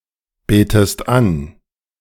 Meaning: inflection of anbeten: 1. second-person singular present 2. second-person singular subjunctive I
- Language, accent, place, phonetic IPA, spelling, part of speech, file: German, Germany, Berlin, [ˌbeːtəst ˈan], betest an, verb, De-betest an.ogg